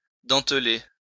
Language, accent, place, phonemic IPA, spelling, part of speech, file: French, France, Lyon, /dɑ̃t.le/, denteler, verb, LL-Q150 (fra)-denteler.wav
- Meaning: to indent, to notch, to jag